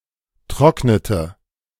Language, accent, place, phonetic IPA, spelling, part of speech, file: German, Germany, Berlin, [ˈtʁɔknətə], trocknete, verb, De-trocknete.ogg
- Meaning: inflection of trocknen: 1. first/third-person singular preterite 2. first/third-person singular subjunctive II